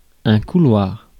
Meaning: 1. corridor, hallway 2. aisle (in an airliner) 3. slipstream
- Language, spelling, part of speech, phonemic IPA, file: French, couloir, noun, /ku.lwaʁ/, Fr-couloir.ogg